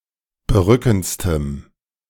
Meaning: strong dative masculine/neuter singular superlative degree of berückend
- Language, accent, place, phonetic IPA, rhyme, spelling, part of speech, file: German, Germany, Berlin, [bəˈʁʏkn̩t͡stəm], -ʏkn̩t͡stəm, berückendstem, adjective, De-berückendstem.ogg